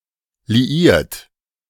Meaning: 1. past participle of liieren 2. inflection of liieren: third-person singular present 3. inflection of liieren: second-person plural present 4. inflection of liieren: plural imperative
- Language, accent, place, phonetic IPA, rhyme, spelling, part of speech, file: German, Germany, Berlin, [liˈiːɐ̯t], -iːɐ̯t, liiert, verb, De-liiert.ogg